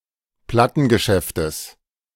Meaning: genitive singular of Plattengeschäft
- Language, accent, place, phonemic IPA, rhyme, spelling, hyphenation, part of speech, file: German, Germany, Berlin, /ˈplatənɡəˌʃɛftəs/, -ɛftəs, Plattengeschäftes, Plat‧ten‧ge‧schäf‧tes, noun, De-Plattengeschäftes.ogg